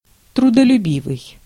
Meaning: hard-working, industrious
- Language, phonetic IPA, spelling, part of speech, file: Russian, [trʊdəlʲʉˈbʲivɨj], трудолюбивый, adjective, Ru-трудолюбивый.ogg